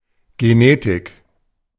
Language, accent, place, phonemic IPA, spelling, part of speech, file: German, Germany, Berlin, /ɡeˈneːtɪk/, Genetik, noun, De-Genetik.ogg
- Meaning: genetics (branch of biology)